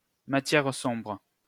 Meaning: dark matter
- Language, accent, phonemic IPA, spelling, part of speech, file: French, France, /ma.tjɛʁ sɔ̃bʁ/, matière sombre, noun, LL-Q150 (fra)-matière sombre.wav